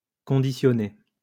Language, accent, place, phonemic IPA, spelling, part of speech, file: French, France, Lyon, /kɔ̃.di.sjɔ.ne/, conditionné, adjective / verb, LL-Q150 (fra)-conditionné.wav
- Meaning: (adjective) 1. packaged (about a product) 2. conditioned (about a person); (verb) past participle of conditionner